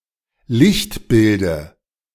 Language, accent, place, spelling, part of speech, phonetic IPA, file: German, Germany, Berlin, Lichtbilde, noun, [ˈlɪçtˌbɪldə], De-Lichtbilde.ogg
- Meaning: dative of Lichtbild